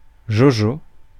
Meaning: cool, nice, good
- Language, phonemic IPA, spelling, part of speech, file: French, /ʒo.ʒo/, jojo, adjective, Fr-jojo.ogg